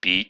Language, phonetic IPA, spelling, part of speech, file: Russian, [pʲi], пи, noun, Ru-пи.ogg
- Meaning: 1. pi (the Greek letter Π (P)/π (p)) 2. pi 3. the English letter P/p; a pee